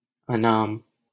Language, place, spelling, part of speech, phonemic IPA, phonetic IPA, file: Hindi, Delhi, अनाम, adjective, /ə.nɑːm/, [ɐ.nä̃ːm], LL-Q1568 (hin)-अनाम.wav
- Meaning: 1. nameless 2. anonymous